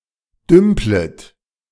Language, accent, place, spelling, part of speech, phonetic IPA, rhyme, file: German, Germany, Berlin, dümplet, verb, [ˈdʏmplət], -ʏmplət, De-dümplet.ogg
- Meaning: second-person plural subjunctive I of dümpeln